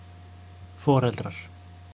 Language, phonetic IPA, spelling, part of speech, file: Icelandic, [ˈfɔːr.ɛltrar], foreldrar, noun, Is-foreldrar.oga
- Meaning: parents; (mother and father, or any combination thereof) (genealogical abbreviation for.)